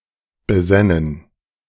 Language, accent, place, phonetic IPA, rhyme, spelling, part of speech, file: German, Germany, Berlin, [bəˈzɛnən], -ɛnən, besännen, verb, De-besännen.ogg
- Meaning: first-person plural subjunctive II of besinnen